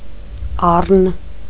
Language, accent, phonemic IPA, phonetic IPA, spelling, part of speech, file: Armenian, Eastern Armenian, /ˈɑrən/, [ɑ́rən], առն, noun, Hy-առն.ogg
- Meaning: wild ram